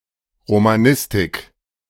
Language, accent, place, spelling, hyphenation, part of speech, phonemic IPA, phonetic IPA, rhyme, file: German, Germany, Berlin, Romanistik, Ro‧ma‧nis‧tik, noun, /ʁomaˈnɪstɪk/, [ʁomaˈnɪstɪkʰ], -ɪstɪk, De-Romanistik.ogg
- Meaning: Romance studies